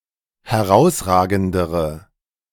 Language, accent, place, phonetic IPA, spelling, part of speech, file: German, Germany, Berlin, [hɛˈʁaʊ̯sˌʁaːɡn̩dəʁə], herausragendere, adjective, De-herausragendere.ogg
- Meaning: inflection of herausragend: 1. strong/mixed nominative/accusative feminine singular comparative degree 2. strong nominative/accusative plural comparative degree